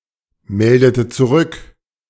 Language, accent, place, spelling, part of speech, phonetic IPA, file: German, Germany, Berlin, meldete zurück, verb, [ˌmɛldətə t͡suˈʁʏk], De-meldete zurück.ogg
- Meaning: inflection of zurückmelden: 1. first/third-person singular preterite 2. first/third-person singular subjunctive II